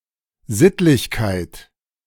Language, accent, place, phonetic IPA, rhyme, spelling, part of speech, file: German, Germany, Berlin, [ˈzɪtlɪçkaɪ̯t], -ɪtlɪçkaɪ̯t, Sittlichkeit, noun, De-Sittlichkeit.ogg
- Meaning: The Hegelian concept of "ethical life" or "ethical order"